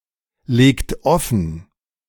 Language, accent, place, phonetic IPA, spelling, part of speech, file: German, Germany, Berlin, [ˌleːkt ˈɔfn̩], legt offen, verb, De-legt offen.ogg
- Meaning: inflection of offenlegen: 1. second-person plural present 2. third-person singular present 3. plural imperative